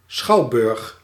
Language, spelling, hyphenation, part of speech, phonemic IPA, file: Dutch, schouwburg, schouw‧burg, noun, /ˈsxɑu̯ˌbʏrx/, Nl-schouwburg.ogg
- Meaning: theatre (UK), theater (US)